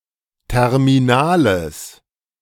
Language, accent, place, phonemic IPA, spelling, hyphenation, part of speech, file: German, Germany, Berlin, /ˌtɛʁmiˈnaːləs/, terminales, ter‧mi‧na‧les, adjective, De-terminales.ogg
- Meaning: strong/mixed nominative/accusative neuter singular of terminal